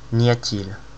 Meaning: negative form of y a-t-il; isn't there? aren't there? (after a modal adverb or jamais) there isn't, there aren't
- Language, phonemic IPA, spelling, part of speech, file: French, /n‿ja.t‿il/, n'y a-t-il, verb, Fr-n'y a-t-il.oga